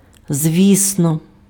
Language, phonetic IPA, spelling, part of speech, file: Ukrainian, [ˈzʲʋʲisnɔ], звісно, adverb, Uk-звісно.ogg
- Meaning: surely, definitely, of course